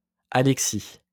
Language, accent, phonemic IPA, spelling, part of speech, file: French, France, /a.lɛk.si/, alexie, noun, LL-Q150 (fra)-alexie.wav
- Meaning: alexia